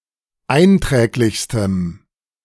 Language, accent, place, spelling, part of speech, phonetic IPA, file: German, Germany, Berlin, einträglichstem, adjective, [ˈaɪ̯nˌtʁɛːklɪçstəm], De-einträglichstem.ogg
- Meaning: strong dative masculine/neuter singular superlative degree of einträglich